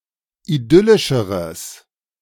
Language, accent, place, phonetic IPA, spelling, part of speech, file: German, Germany, Berlin, [iˈdʏlɪʃəʁəs], idyllischeres, adjective, De-idyllischeres.ogg
- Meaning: strong/mixed nominative/accusative neuter singular comparative degree of idyllisch